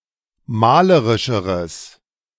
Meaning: strong/mixed nominative/accusative neuter singular comparative degree of malerisch
- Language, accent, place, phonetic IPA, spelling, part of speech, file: German, Germany, Berlin, [ˈmaːləʁɪʃəʁəs], malerischeres, adjective, De-malerischeres.ogg